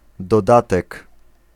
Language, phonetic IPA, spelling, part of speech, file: Polish, [dɔˈdatɛk], dodatek, noun, Pl-dodatek.ogg